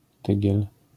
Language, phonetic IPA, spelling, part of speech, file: Polish, [ˈtɨɟɛl], tygiel, noun, LL-Q809 (pol)-tygiel.wav